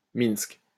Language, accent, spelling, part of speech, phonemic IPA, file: French, France, Minsk, proper noun, /minsk/, LL-Q150 (fra)-Minsk.wav
- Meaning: Minsk (the capital and largest city of Belarus)